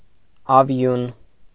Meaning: 1. vigour, enthusiasm 2. ardour
- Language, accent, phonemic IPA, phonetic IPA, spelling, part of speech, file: Armenian, Eastern Armenian, /ɑˈvjun/, [ɑvjún], ավյուն, noun, Hy-ավյուն.ogg